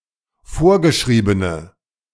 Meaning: inflection of vorgeschrieben: 1. strong/mixed nominative/accusative feminine singular 2. strong nominative/accusative plural 3. weak nominative all-gender singular
- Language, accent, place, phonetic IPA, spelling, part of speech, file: German, Germany, Berlin, [ˈfoːɐ̯ɡəˌʃʁiːbənə], vorgeschriebene, adjective, De-vorgeschriebene.ogg